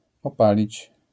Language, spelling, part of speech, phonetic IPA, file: Polish, opalić, verb, [ɔˈpalʲit͡ɕ], LL-Q809 (pol)-opalić.wav